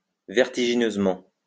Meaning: 1. vertiginously 2. dizzily
- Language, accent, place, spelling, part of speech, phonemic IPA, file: French, France, Lyon, vertigineusement, adverb, /vɛʁ.ti.ʒi.nøz.mɑ̃/, LL-Q150 (fra)-vertigineusement.wav